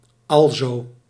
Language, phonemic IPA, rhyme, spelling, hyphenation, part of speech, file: Dutch, /ɑlˈzoː/, -oː, alzo, al‧zo, conjunction, Nl-alzo.ogg
- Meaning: so, consequently, thus